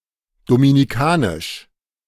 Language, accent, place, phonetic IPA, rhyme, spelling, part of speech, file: German, Germany, Berlin, [ˌdominiˈkaːnɪʃ], -aːnɪʃ, dominicanisch, adjective, De-dominicanisch.ogg
- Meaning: of Dominica; Dominican